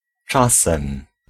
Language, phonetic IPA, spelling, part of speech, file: Polish, [ˈt͡ʃasɛ̃m], czasem, adverb / noun, Pl-czasem.ogg